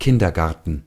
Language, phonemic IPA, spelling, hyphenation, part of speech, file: German, /ˈkɪndərˌɡartən/, Kindergarten, Kin‧der‧gar‧ten, noun, De-Kindergarten.ogg
- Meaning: nursery school; kindergarten; day care center (institution where children below school age play and are looked after during the day)